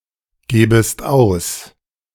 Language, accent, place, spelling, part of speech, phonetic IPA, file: German, Germany, Berlin, gebest aus, verb, [ˌɡeːbəst ˈaʊ̯s], De-gebest aus.ogg
- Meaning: second-person singular subjunctive I of ausgeben